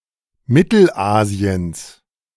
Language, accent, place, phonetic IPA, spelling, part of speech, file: German, Germany, Berlin, [ˈmɪtl̩ˌʔaːzi̯əns], Mittelasiens, noun, De-Mittelasiens.ogg
- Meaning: genitive singular of Mittelasien